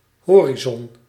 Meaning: horizon
- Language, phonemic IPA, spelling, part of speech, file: Dutch, /ˈɦoː.ri.zɔn/, horizon, noun, Nl-horizon.ogg